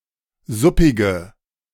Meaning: inflection of suppig: 1. strong/mixed nominative/accusative feminine singular 2. strong nominative/accusative plural 3. weak nominative all-gender singular 4. weak accusative feminine/neuter singular
- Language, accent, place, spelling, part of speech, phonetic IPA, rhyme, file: German, Germany, Berlin, suppige, adjective, [ˈzʊpɪɡə], -ʊpɪɡə, De-suppige.ogg